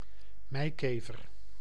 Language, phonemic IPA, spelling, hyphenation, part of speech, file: Dutch, /ˈmɛi̯keːvər/, meikever, mei‧ke‧ver, noun, Nl-meikever.ogg
- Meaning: cockchafer (Melolontha melolontha)